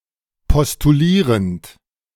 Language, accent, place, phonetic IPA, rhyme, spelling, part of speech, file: German, Germany, Berlin, [pɔstuˈliːʁənt], -iːʁənt, postulierend, verb, De-postulierend.ogg
- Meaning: present participle of postulieren